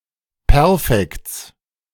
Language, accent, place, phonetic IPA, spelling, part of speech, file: German, Germany, Berlin, [ˈpɛʁfɛkt͡s], Perfekts, noun, De-Perfekts.ogg
- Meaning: genitive singular of Perfekt